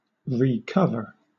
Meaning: 1. To cover again 2. To add a new roof membrane or steep-slope covering over an existing one
- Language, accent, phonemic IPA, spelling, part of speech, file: English, Southern England, /ɹiːˈkʌvə/, recover, verb, LL-Q1860 (eng)-recover.wav